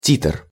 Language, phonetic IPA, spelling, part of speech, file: Russian, [tʲitr], титр, noun, Ru-титр.ogg
- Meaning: 1. titre 2. caption, title, subtitle, (plural) credits